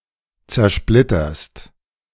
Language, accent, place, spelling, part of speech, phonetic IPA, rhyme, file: German, Germany, Berlin, zersplitterst, verb, [t͡sɛɐ̯ˈʃplɪtɐst], -ɪtɐst, De-zersplitterst.ogg
- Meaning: second-person singular present of zersplittern